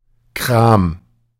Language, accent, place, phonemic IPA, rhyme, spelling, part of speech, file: German, Germany, Berlin, /kʁaːm/, -aːm, Kram, noun, De-Kram.ogg
- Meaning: 1. stuff 2. little shop; booth; stall